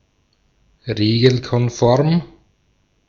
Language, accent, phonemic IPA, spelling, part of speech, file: German, Austria, /ˈʁeːɡl̩kɔnˌfɔʁm/, regelkonform, adjective, De-at-regelkonform.ogg
- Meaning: lawful, legal, regulation